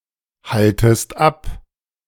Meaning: second-person singular subjunctive I of abhalten
- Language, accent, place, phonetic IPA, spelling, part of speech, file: German, Germany, Berlin, [ˌhaltəst ˈap], haltest ab, verb, De-haltest ab.ogg